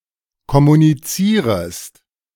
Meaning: second-person singular subjunctive I of kommunizieren
- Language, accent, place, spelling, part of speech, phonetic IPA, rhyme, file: German, Germany, Berlin, kommunizierest, verb, [kɔmuniˈt͡siːʁəst], -iːʁəst, De-kommunizierest.ogg